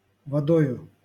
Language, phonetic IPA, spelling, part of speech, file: Russian, [vɐˈdojʊ], водою, noun, LL-Q7737 (rus)-водою.wav
- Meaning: instrumental singular of вода́ (vodá)